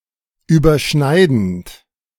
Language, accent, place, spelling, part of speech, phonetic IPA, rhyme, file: German, Germany, Berlin, überschneidend, verb, [yːbɐˈʃnaɪ̯dn̩t], -aɪ̯dn̩t, De-überschneidend.ogg
- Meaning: present participle of überschneiden